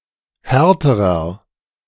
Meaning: inflection of hart: 1. strong/mixed nominative masculine singular comparative degree 2. strong genitive/dative feminine singular comparative degree 3. strong genitive plural comparative degree
- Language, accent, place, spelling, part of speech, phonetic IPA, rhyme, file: German, Germany, Berlin, härterer, adjective, [ˈhɛʁtəʁɐ], -ɛʁtəʁɐ, De-härterer.ogg